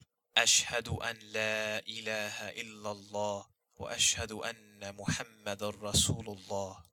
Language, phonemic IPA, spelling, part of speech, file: Arabic, /laː ʔi.laː.ha ʔil.la‿lˤ.lˤaː.hu mu.ħam.ma.dun ra.suː.lu‿lˤ.lˤaː.hi/, لا إله إلا الله محمد رسول الله, phrase, Shahadah.ogg
- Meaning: There is no deity but God; Muhammad is the messenger of God